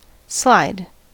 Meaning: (verb) 1. To (cause to) move in continuous contact with a surface 2. To move on a low-friction surface 3. To drop down and skid into a base 4. To lose one’s balance on a slippery surface
- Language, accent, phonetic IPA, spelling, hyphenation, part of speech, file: English, US, [ˈslaɪ̯d], slide, slide, verb / noun, En-us-slide.ogg